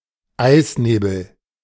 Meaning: ice fog
- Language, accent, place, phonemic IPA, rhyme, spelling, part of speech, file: German, Germany, Berlin, /ˈaɪ̯sneːbl̩/, -eːbl̩, Eisnebel, noun, De-Eisnebel.ogg